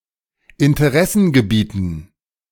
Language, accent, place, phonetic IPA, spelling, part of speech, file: German, Germany, Berlin, [ɪntəˈʁɛsn̩ɡəˌbiːtn̩], Interessengebieten, noun, De-Interessengebieten.ogg
- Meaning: dative plural of Interessengebiet